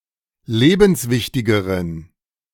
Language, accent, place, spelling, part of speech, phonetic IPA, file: German, Germany, Berlin, lebenswichtigeren, adjective, [ˈleːbn̩sˌvɪçtɪɡəʁən], De-lebenswichtigeren.ogg
- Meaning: inflection of lebenswichtig: 1. strong genitive masculine/neuter singular comparative degree 2. weak/mixed genitive/dative all-gender singular comparative degree